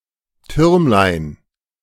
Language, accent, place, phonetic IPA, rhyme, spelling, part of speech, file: German, Germany, Berlin, [ˈtʏʁmlaɪ̯n], -ʏʁmlaɪ̯n, Türmlein, noun, De-Türmlein.ogg
- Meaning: diminutive of Turm